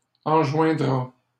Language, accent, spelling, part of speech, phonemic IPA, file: French, Canada, enjoindra, verb, /ɑ̃.ʒwɛ̃.dʁa/, LL-Q150 (fra)-enjoindra.wav
- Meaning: third-person singular future of enjoindre